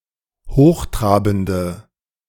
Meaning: inflection of hochtrabend: 1. strong/mixed nominative/accusative feminine singular 2. strong nominative/accusative plural 3. weak nominative all-gender singular
- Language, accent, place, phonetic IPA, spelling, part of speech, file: German, Germany, Berlin, [ˈhoːxˌtʁaːbn̩də], hochtrabende, adjective, De-hochtrabende.ogg